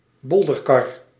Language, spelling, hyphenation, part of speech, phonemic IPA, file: Dutch, bolderkar, bol‧der‧kar, noun, /ˈbɔldərˌkɑr/, Nl-bolderkar.ogg